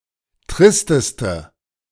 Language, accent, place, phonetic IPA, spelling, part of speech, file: German, Germany, Berlin, [ˈtʁɪstəstə], tristeste, adjective, De-tristeste.ogg
- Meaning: inflection of trist: 1. strong/mixed nominative/accusative feminine singular superlative degree 2. strong nominative/accusative plural superlative degree